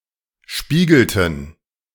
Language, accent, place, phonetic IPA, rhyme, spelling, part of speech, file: German, Germany, Berlin, [ˈʃpiːɡl̩tn̩], -iːɡl̩tn̩, spiegelten, verb, De-spiegelten.ogg
- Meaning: inflection of spiegeln: 1. first/third-person plural preterite 2. first/third-person plural subjunctive II